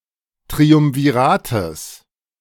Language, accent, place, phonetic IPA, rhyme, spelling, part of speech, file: German, Germany, Berlin, [tʁiʊmviˈʁaːtəs], -aːtəs, Triumvirates, noun, De-Triumvirates.ogg
- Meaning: genitive of Triumvirat